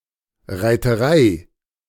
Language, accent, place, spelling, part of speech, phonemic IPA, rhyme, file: German, Germany, Berlin, Reiterei, noun, /ʁaɪ̯təˈʁaɪ̯/, -aɪ̯, De-Reiterei.ogg
- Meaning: cavalry